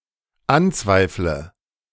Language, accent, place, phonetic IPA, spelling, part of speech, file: German, Germany, Berlin, [ˈanˌt͡svaɪ̯flə], anzweifle, verb, De-anzweifle.ogg
- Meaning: inflection of anzweifeln: 1. first-person singular dependent present 2. first/third-person singular dependent subjunctive I